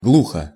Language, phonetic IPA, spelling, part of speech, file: Russian, [ˈɡɫuxə], глухо, adverb / adjective, Ru-глухо.ogg
- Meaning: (adverb) 1. deafly 2. dully, vaguely, in a muffled way (sound) 3. voicelessly (consonant) 4. out-of-the-way, remotely (place) 5. wildly (forest); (adjective) short neuter singular of глухо́й (gluxój)